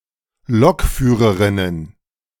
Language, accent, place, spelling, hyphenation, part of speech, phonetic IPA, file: German, Germany, Berlin, Lokführerinnen, Lok‧füh‧re‧rin‧nen, noun, [ˈlɔkˌfyːʁəʁɪnən], De-Lokführerinnen.ogg
- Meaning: 1. genitive of Lokführerin 2. first-person singular genitive of Lokführerin